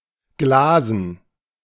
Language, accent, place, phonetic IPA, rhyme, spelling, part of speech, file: German, Germany, Berlin, [ˈɡlaːzn̩], -aːzn̩, Glasen, noun, De-Glasen.ogg
- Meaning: dative plural of Glas